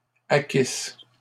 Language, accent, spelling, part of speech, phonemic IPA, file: French, Canada, acquisses, verb, /a.kis/, LL-Q150 (fra)-acquisses.wav
- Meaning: second-person singular imperfect subjunctive of acquérir